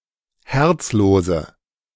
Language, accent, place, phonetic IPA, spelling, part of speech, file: German, Germany, Berlin, [ˈhɛʁt͡sˌloːzə], herzlose, adjective, De-herzlose.ogg
- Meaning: inflection of herzlos: 1. strong/mixed nominative/accusative feminine singular 2. strong nominative/accusative plural 3. weak nominative all-gender singular 4. weak accusative feminine/neuter singular